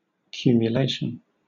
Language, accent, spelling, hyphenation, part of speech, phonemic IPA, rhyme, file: English, Southern England, cumulation, cu‧mu‧la‧tion, noun, /ˌkjuːm.jəˈleɪ.ʃən/, -eɪʃən, LL-Q1860 (eng)-cumulation.wav
- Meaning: 1. Synonym of accumulation 2. The effect of free trade agreements on the rules of origin in calculating importation tariffs, quotas, etc